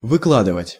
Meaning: 1. to lay out, to spread out, to lay, to line, to pave 2. to take out 3. to fork out, to cough up, to unbosom oneself (of) (money, truth, etc.)
- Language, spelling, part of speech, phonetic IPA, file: Russian, выкладывать, verb, [vɨˈkɫadɨvətʲ], Ru-выкладывать.ogg